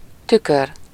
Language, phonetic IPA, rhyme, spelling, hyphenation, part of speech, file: Hungarian, [ˈtykør], -ør, tükör, tü‧kör, noun, Hu-tükör.ogg
- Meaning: mirror